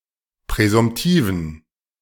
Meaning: inflection of präsumtiv: 1. strong genitive masculine/neuter singular 2. weak/mixed genitive/dative all-gender singular 3. strong/weak/mixed accusative masculine singular 4. strong dative plural
- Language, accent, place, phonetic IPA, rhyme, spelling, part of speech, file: German, Germany, Berlin, [pʁɛzʊmˈtiːvn̩], -iːvn̩, präsumtiven, adjective, De-präsumtiven.ogg